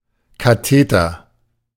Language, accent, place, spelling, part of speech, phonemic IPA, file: German, Germany, Berlin, Katheter, noun, /kaˈteːtɐ/, De-Katheter.ogg
- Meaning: catheter (small tube inserted into a body cavity)